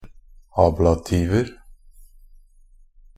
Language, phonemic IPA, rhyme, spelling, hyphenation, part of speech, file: Norwegian Bokmål, /ˈɑːblatiːʋər/, -ər, ablativer, ab‧la‧tiv‧er, noun, NB - Pronunciation of Norwegian Bokmål «ablativer».ogg
- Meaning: indefinite plural of ablativ